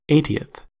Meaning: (adjective) The ordinal form of the number eighty; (noun) 1. The person or thing in the eightieth position 2. One of eighty equal parts of a whole
- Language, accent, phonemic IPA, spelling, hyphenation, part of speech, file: English, US, /ˈeɪ.ti.əθ/, eightieth, eight‧i‧eth, adjective / noun, En-us-eightieth.ogg